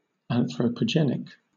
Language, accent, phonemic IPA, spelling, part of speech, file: English, Southern England, /ˌæn θrə pəˈdʒɛn ɪk/, anthropogenic, adjective, LL-Q1860 (eng)-anthropogenic.wav
- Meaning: 1. Pertaining to the origin of man (anthropogeny) 2. Having its origin in the influence of human activity on nature